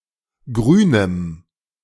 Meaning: strong dative masculine/neuter singular of grün
- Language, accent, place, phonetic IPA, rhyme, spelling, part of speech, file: German, Germany, Berlin, [ˈɡʁyːnəm], -yːnəm, grünem, adjective, De-grünem.ogg